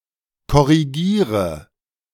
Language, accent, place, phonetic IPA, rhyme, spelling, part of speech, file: German, Germany, Berlin, [kɔʁiˈɡiːʁə], -iːʁə, korrigiere, verb, De-korrigiere.ogg
- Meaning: inflection of korrigieren: 1. first-person singular present 2. singular imperative 3. first/third-person singular subjunctive I